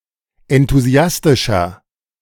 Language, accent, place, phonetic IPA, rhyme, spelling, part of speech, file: German, Germany, Berlin, [ɛntuˈzi̯astɪʃɐ], -astɪʃɐ, enthusiastischer, adjective, De-enthusiastischer.ogg
- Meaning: 1. comparative degree of enthusiastisch 2. inflection of enthusiastisch: strong/mixed nominative masculine singular 3. inflection of enthusiastisch: strong genitive/dative feminine singular